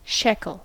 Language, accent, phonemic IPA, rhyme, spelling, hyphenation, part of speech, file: English, US, /ˈʃɛkəl/, -ɛkəl, shekel, shek‧el, noun, En-us-shekel.ogg
- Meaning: 1. A currency unit of both ancient and modern Israel 2. Money 3. An ancient unit of weight equivalent to one-fiftieth of a mina